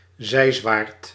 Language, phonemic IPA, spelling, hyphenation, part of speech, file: Dutch, /ˈzɛi̯.zʋaːrt/, zijzwaard, zij‧zwaard, noun, Nl-zijzwaard.ogg
- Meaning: leeboard fixed to the side of a boat